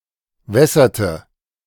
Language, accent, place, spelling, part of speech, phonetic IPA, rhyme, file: German, Germany, Berlin, wässerte, verb, [ˈvɛsɐtə], -ɛsɐtə, De-wässerte.ogg
- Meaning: inflection of wässern: 1. first/third-person singular preterite 2. first/third-person singular subjunctive II